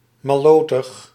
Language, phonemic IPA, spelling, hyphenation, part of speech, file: Dutch, /mɑˈloː.təx/, mallotig, mal‧lo‧tig, adjective, Nl-mallotig.ogg
- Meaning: foolish, silly